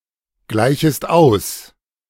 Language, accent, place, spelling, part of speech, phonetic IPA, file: German, Germany, Berlin, gleichest aus, verb, [ˌɡlaɪ̯çəst ˈaʊ̯s], De-gleichest aus.ogg
- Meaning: second-person singular subjunctive I of ausgleichen